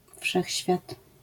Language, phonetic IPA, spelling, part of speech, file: Polish, [ˈfʃɛxʲɕfʲjat], wszechświat, noun, LL-Q809 (pol)-wszechświat.wav